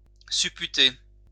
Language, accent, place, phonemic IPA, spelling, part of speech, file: French, France, Lyon, /sy.py.te/, supputer, verb, LL-Q150 (fra)-supputer.wav
- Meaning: to calculate, to work out